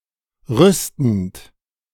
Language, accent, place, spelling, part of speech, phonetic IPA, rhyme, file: German, Germany, Berlin, rüstend, verb, [ˈʁʏstn̩t], -ʏstn̩t, De-rüstend.ogg
- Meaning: present participle of rüsten